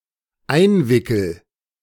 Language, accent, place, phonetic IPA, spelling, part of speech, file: German, Germany, Berlin, [ˈaɪ̯nˌvɪkl̩], einwickel, verb, De-einwickel.ogg
- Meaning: first-person singular dependent present of einwickeln